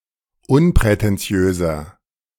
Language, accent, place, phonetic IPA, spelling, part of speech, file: German, Germany, Berlin, [ˈʊnpʁɛtɛnˌt͡si̯øːzɐ], unprätentiöser, adjective, De-unprätentiöser.ogg
- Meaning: 1. comparative degree of unprätentiös 2. inflection of unprätentiös: strong/mixed nominative masculine singular 3. inflection of unprätentiös: strong genitive/dative feminine singular